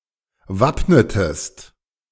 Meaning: inflection of wappnen: 1. second-person singular preterite 2. second-person singular subjunctive II
- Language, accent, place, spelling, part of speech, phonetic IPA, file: German, Germany, Berlin, wappnetest, verb, [ˈvapnətəst], De-wappnetest.ogg